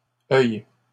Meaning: nonstandard spelling of œil
- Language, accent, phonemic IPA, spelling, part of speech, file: French, Canada, /œj/, oeil, noun, LL-Q150 (fra)-oeil.wav